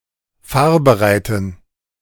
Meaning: inflection of fahrbereit: 1. strong genitive masculine/neuter singular 2. weak/mixed genitive/dative all-gender singular 3. strong/weak/mixed accusative masculine singular 4. strong dative plural
- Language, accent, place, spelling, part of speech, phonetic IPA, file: German, Germany, Berlin, fahrbereiten, adjective, [ˈfaːɐ̯bəˌʁaɪ̯tn̩], De-fahrbereiten.ogg